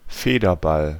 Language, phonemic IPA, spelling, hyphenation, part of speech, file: German, /ˈfeːdɐˌbal/, Federball, Fe‧der‧ball, noun, De-Federball.ogg
- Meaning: 1. the game of badminton 2. badminton ball; shuttlecock